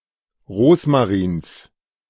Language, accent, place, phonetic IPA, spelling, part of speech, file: German, Germany, Berlin, [ˈʁoːsmaʁiːns], Rosmarins, noun, De-Rosmarins.ogg
- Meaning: genitive singular of Rosmarin